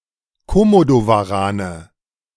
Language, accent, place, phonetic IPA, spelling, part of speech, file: German, Germany, Berlin, [koˈmodovaˌʁaːnə], Komodowarane, noun, De-Komodowarane.ogg
- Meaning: nominative/accusative/genitive plural of Komodowaran